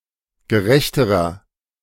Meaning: inflection of gerecht: 1. strong/mixed nominative masculine singular comparative degree 2. strong genitive/dative feminine singular comparative degree 3. strong genitive plural comparative degree
- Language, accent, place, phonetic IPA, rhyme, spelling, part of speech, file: German, Germany, Berlin, [ɡəˈʁɛçtəʁɐ], -ɛçtəʁɐ, gerechterer, adjective, De-gerechterer.ogg